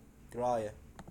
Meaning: a special gathering, typically held during the Mouring of Muharram, in which a sermon is given by a religious clerk called خَطِيب or قَارِي
- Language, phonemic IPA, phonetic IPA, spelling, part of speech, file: Gulf Arabic, /ɡrɑjə/, [ˈɡ̥räː.jə], قراية, noun, Afb-graya.wav